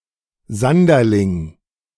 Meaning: sanderling (a small wading bird, Calidris alba)
- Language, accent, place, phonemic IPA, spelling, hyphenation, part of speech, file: German, Germany, Berlin, /ˈzandɐlɪŋ/, Sanderling, San‧der‧ling, noun, De-Sanderling.ogg